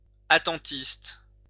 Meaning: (adjective) wait-and-see (prudent and opportunistic); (noun) a person who adopts a wait-and-see policy
- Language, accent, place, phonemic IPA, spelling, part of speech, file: French, France, Lyon, /a.tɑ̃.tist/, attentiste, adjective / noun, LL-Q150 (fra)-attentiste.wav